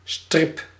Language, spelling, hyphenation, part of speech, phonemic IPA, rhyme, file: Dutch, strip, strip, noun / verb, /strɪp/, -ɪp, Nl-strip.ogg
- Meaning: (noun) 1. strip (long thin piece) 2. comic (a cartoon story); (verb) inflection of strippen: 1. first-person singular present indicative 2. second-person singular present indicative 3. imperative